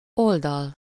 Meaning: 1. side (a bounding straight edge of a two-dimensional shape) 2. side, face (a flat surface of a three-dimensional object)
- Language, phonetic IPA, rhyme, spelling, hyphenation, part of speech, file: Hungarian, [ˈoldɒl], -ɒl, oldal, ol‧dal, noun, Hu-oldal.ogg